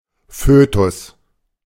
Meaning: fetus
- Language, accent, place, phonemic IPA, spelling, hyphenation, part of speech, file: German, Germany, Berlin, /ˈføːtʊs/, Fötus, Fö‧tus, noun, De-Fötus.ogg